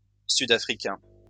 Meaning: South African
- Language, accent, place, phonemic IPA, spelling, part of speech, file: French, France, Lyon, /sy.da.fʁi.kɛ̃/, sud-africain, adjective, LL-Q150 (fra)-sud-africain.wav